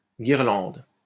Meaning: 1. wreath 2. festoon 3. garland 4. tinsel
- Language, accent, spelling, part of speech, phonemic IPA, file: French, France, guirlande, noun, /ɡiʁ.lɑ̃d/, LL-Q150 (fra)-guirlande.wav